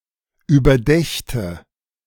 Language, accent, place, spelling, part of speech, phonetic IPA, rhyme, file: German, Germany, Berlin, überdächte, verb, [yːbɐˈdɛçtə], -ɛçtə, De-überdächte.ogg
- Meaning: first/third-person singular subjunctive II of überdenken